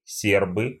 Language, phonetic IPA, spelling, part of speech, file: Russian, [ˈsʲerbɨ], сербы, noun, Ru-се́рбы.ogg
- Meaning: nominative plural of серб (serb)